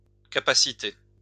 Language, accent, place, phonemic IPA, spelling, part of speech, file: French, France, Lyon, /ka.pa.si.te/, capaciter, verb, LL-Q150 (fra)-capaciter.wav
- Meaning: to capacitate